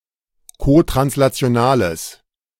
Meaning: strong/mixed nominative/accusative neuter singular of kotranslational
- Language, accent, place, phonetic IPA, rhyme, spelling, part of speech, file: German, Germany, Berlin, [kotʁanslat͡si̯oˈnaːləs], -aːləs, kotranslationales, adjective, De-kotranslationales.ogg